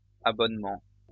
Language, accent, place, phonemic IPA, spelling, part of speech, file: French, France, Lyon, /a.bɔn.mɑ̃/, abonnements, noun, LL-Q150 (fra)-abonnements.wav
- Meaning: plural of abonnement